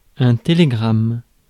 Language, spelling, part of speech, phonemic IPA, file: French, télégramme, noun, /te.le.ɡʁam/, Fr-télégramme.ogg
- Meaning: telegram